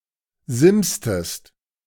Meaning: inflection of simsen: 1. second-person singular preterite 2. second-person singular subjunctive II
- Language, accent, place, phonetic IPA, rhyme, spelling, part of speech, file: German, Germany, Berlin, [ˈzɪmstəst], -ɪmstəst, simstest, verb, De-simstest.ogg